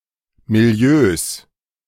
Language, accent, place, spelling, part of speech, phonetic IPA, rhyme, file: German, Germany, Berlin, Milieus, noun, [miˈli̯øːs], -øːs, De-Milieus.ogg
- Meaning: 1. genitive singular of Milieu 2. plural of Milieu